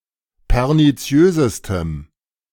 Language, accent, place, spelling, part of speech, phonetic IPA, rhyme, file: German, Germany, Berlin, perniziösestem, adjective, [pɛʁniˈt͡si̯øːzəstəm], -øːzəstəm, De-perniziösestem.ogg
- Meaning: strong dative masculine/neuter singular superlative degree of perniziös